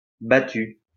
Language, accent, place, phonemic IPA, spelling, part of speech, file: French, France, Lyon, /ba.ty/, battu, adjective / verb, LL-Q150 (fra)-battu.wav
- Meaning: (adjective) beaten; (verb) past participle of battre